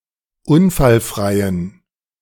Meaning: inflection of unfallfrei: 1. strong genitive masculine/neuter singular 2. weak/mixed genitive/dative all-gender singular 3. strong/weak/mixed accusative masculine singular 4. strong dative plural
- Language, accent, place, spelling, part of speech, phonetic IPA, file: German, Germany, Berlin, unfallfreien, adjective, [ˈʊnfalˌfʁaɪ̯ən], De-unfallfreien.ogg